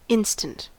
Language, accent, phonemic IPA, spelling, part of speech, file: English, US, /ˈɪnstənt/, instant, noun / adjective / adverb / verb, En-us-instant.ogg
- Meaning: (noun) 1. A very short period of time; a moment 2. A single, usually precise, point in time 3. A beverage or food which has been pre-processed to reduce preparation time, especially instant coffee